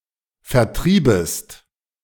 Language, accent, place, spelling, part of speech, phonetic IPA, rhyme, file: German, Germany, Berlin, vertriebest, verb, [fɛɐ̯ˈtʁiːbəst], -iːbəst, De-vertriebest.ogg
- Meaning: second-person singular subjunctive I of vertreiben